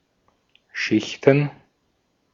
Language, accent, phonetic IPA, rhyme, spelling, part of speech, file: German, Austria, [ˈʃɪçtn̩], -ɪçtn̩, Schichten, noun, De-at-Schichten.ogg
- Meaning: plural of Schicht